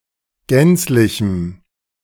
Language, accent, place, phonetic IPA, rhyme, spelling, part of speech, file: German, Germany, Berlin, [ˈɡɛnt͡slɪçm̩], -ɛnt͡slɪçm̩, gänzlichem, adjective, De-gänzlichem.ogg
- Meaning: strong dative masculine/neuter singular of gänzlich